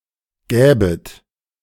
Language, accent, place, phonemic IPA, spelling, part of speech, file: German, Germany, Berlin, /ˈɡɛːbət/, gäbet, verb, De-gäbet.ogg
- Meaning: second-person plural subjunctive II of geben